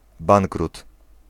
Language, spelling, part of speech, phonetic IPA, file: Polish, bankrut, noun, [ˈbãŋkrut], Pl-bankrut.ogg